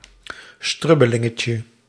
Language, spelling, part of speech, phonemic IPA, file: Dutch, strubbelingetje, noun, /ˈstrʏbəlɪŋəcə/, Nl-strubbelingetje.ogg
- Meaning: diminutive of strubbeling